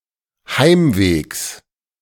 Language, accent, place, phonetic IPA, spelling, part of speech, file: German, Germany, Berlin, [ˈhaɪ̯mˌveːks], Heimwegs, noun, De-Heimwegs.ogg
- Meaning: genitive of Heimweg